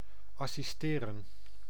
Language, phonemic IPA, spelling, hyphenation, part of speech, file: Dutch, /ɑsiˈsteːrə(n)/, assisteren, as‧sis‧te‧ren, verb, Nl-assisteren.ogg
- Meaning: 1. to assist, act as assistant to 2. to lend assistance